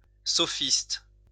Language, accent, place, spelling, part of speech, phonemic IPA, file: French, France, Lyon, sophiste, noun, /sɔ.fist/, LL-Q150 (fra)-sophiste.wav
- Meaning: sophist